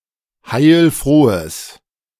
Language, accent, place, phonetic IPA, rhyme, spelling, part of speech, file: German, Germany, Berlin, [haɪ̯lˈfʁoːəs], -oːəs, heilfrohes, adjective, De-heilfrohes.ogg
- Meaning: strong/mixed nominative/accusative neuter singular of heilfroh